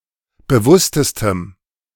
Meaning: strong dative masculine/neuter singular superlative degree of bewusst
- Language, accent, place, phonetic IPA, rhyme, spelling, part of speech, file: German, Germany, Berlin, [bəˈvʊstəstəm], -ʊstəstəm, bewusstestem, adjective, De-bewusstestem.ogg